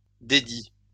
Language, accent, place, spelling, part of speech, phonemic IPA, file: French, France, Lyon, dédit, noun / verb, /de.di/, LL-Q150 (fra)-dédit.wav
- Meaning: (noun) forfeit; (verb) 1. past participle of dédire 2. inflection of dédire: third-person singular present indicative 3. inflection of dédire: third-person singular past historic